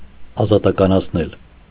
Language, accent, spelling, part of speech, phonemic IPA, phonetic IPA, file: Armenian, Eastern Armenian, ազատականացնել, verb, /ɑzɑtɑkɑnɑt͡sʰˈnel/, [ɑzɑtɑkɑnɑt͡sʰnél], Hy-ազատականացնել.ogg
- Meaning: causative of ազատականանալ (azatakananal): to liberalize